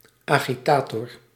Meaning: an agitator, one who stirs up unrest, a demagogue
- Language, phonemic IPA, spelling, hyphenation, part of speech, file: Dutch, /ˌaː.ɣiˈtaː.tɔr/, agitator, agi‧ta‧tor, noun, Nl-agitator.ogg